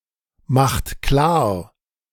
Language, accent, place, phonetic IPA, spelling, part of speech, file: German, Germany, Berlin, [ˌmaxt ˈklaːɐ̯], macht klar, verb, De-macht klar.ogg
- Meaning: inflection of klarmachen: 1. second-person plural present 2. third-person singular present 3. plural imperative